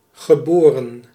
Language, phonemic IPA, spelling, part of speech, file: Dutch, /ɣəˈboːrə(n)/, geboren, adjective / verb, Nl-geboren.ogg
- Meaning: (adjective) born; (verb) past participle of baren (“give birth”); born